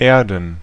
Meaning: 1. plural of Erde 2. dative singular of Erde
- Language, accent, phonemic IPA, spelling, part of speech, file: German, Germany, /ˈeːɐ̯dn/, Erden, noun, De-Erden.ogg